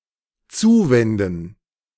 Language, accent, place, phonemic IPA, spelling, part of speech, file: German, Germany, Berlin, /ˈtsuː.vɛn.dən/, zuwenden, verb, De-zuwenden.ogg
- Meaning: 1. to turn 2. to devote 3. to turn to, turn towards